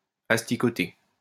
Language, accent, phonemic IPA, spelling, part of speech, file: French, France, /as.ti.kɔ.te/, asticoter, verb, LL-Q150 (fra)-asticoter.wav
- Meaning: to annoy, needle